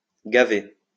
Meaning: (adjective) stuffed (full of food); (verb) past participle of gaver
- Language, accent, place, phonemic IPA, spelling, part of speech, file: French, France, Lyon, /ɡa.ve/, gavé, adjective / verb, LL-Q150 (fra)-gavé.wav